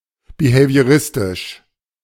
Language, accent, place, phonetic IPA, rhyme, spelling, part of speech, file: German, Germany, Berlin, [bihevi̯əˈʁɪstɪʃ], -ɪstɪʃ, behavioristisch, adjective, De-behavioristisch.ogg
- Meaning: behavioristic